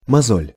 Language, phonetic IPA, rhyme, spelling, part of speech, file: Russian, [mɐˈzolʲ], -olʲ, мозоль, noun, Ru-мозоль.ogg
- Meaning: 1. skin blister 2. callus, skin corn